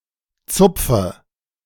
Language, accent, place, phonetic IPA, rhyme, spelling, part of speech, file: German, Germany, Berlin, [ˈt͡sʊp͡fə], -ʊp͡fə, zupfe, verb, De-zupfe.ogg
- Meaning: inflection of zupfen: 1. first-person singular present 2. first/third-person singular subjunctive I 3. singular imperative